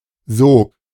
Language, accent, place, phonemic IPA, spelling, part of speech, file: German, Germany, Berlin, /zoːk/, Sog, noun, De-Sog.ogg
- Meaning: 1. suction 2. wake